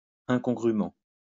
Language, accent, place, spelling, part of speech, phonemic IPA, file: French, France, Lyon, incongrûment, adverb, /ɛ̃.kɔ̃.ɡʁy.mɑ̃/, LL-Q150 (fra)-incongrûment.wav
- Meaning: incongruously